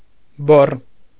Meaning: 1. drone (in bees) 2. gadfly, horse-fly 3. bumblebee 4. wasp 5. drone, leech, freeloader
- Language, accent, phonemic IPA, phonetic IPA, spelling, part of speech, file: Armenian, Eastern Armenian, /bor/, [bor], բոռ, noun, Hy-բոռ.ogg